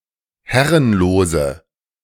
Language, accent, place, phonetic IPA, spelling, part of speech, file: German, Germany, Berlin, [ˈhɛʁənloːzə], herrenlose, adjective, De-herrenlose.ogg
- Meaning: inflection of herrenlos: 1. strong/mixed nominative/accusative feminine singular 2. strong nominative/accusative plural 3. weak nominative all-gender singular